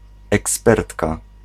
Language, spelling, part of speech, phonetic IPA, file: Polish, ekspertka, noun, [ɛksˈpɛrtka], Pl-ekspertka.ogg